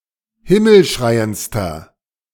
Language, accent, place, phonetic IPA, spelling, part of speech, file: German, Germany, Berlin, [ˈhɪml̩ˌʃʁaɪ̯ənt͡stɐ], himmelschreiendster, adjective, De-himmelschreiendster.ogg
- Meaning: inflection of himmelschreiend: 1. strong/mixed nominative masculine singular superlative degree 2. strong genitive/dative feminine singular superlative degree